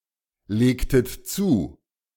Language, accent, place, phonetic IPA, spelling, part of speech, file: German, Germany, Berlin, [ˌleːktət ˈt͡suː], legtet zu, verb, De-legtet zu.ogg
- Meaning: inflection of zulegen: 1. second-person plural preterite 2. second-person plural subjunctive II